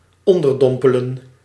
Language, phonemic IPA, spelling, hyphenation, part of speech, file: Dutch, /ɔndərdɔmpələn/, onderdompelen, on‧der‧dom‧pe‧len, verb, Nl-onderdompelen.ogg
- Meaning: to immerse